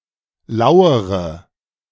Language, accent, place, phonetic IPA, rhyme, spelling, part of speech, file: German, Germany, Berlin, [ˈlaʊ̯əʁə], -aʊ̯əʁə, lauere, verb, De-lauere.ogg
- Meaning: inflection of lauern: 1. first-person singular present 2. first/third-person singular subjunctive I 3. singular imperative